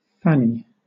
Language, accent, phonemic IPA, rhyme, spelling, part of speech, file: English, Southern England, /ˈfæni/, -æni, Fanny, proper noun, LL-Q1860 (eng)-Fanny.wav
- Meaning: A diminutive of the female given name Frances, itself also becoming a given name